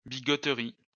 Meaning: bigotry, sanctimoniousness
- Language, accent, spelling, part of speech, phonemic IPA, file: French, France, bigoterie, noun, /bi.ɡɔ.tʁi/, LL-Q150 (fra)-bigoterie.wav